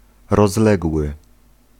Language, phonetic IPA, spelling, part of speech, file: Polish, [rɔzˈlɛɡwɨ], rozległy, adjective / verb, Pl-rozległy.ogg